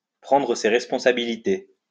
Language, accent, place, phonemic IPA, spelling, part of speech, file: French, France, Lyon, /pʁɑ̃.dʁə se ʁɛs.pɔ̃.sa.bi.li.te/, prendre ses responsabilités, verb, LL-Q150 (fra)-prendre ses responsabilités.wav
- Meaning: to take responsibility for one's actions